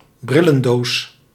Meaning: spectacle case
- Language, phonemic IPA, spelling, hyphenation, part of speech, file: Dutch, /ˈbri.lə(n)ˌdoːs/, brillendoos, bril‧len‧doos, noun, Nl-brillendoos.ogg